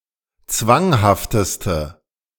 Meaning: inflection of zwanghaft: 1. strong/mixed nominative/accusative feminine singular superlative degree 2. strong nominative/accusative plural superlative degree
- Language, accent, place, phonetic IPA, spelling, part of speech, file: German, Germany, Berlin, [ˈt͡svaŋhaftəstə], zwanghafteste, adjective, De-zwanghafteste.ogg